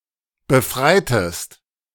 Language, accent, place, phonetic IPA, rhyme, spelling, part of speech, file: German, Germany, Berlin, [bəˈfʁaɪ̯təst], -aɪ̯təst, befreitest, verb, De-befreitest.ogg
- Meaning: inflection of befreien: 1. second-person singular preterite 2. second-person singular subjunctive II